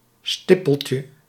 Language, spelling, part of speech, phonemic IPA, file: Dutch, stippeltje, noun, /ˈstɪ.pəl.tjə/, Nl-stippeltje.ogg
- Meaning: diminutive of stippel